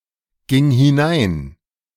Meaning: first/third-person singular preterite of hineingehen
- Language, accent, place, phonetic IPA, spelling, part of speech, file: German, Germany, Berlin, [ˌɡɪŋ hɪˈnaɪ̯n], ging hinein, verb, De-ging hinein.ogg